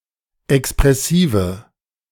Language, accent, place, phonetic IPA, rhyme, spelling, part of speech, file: German, Germany, Berlin, [ɛkspʁɛˈsiːvə], -iːvə, expressive, adjective, De-expressive.ogg
- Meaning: inflection of expressiv: 1. strong/mixed nominative/accusative feminine singular 2. strong nominative/accusative plural 3. weak nominative all-gender singular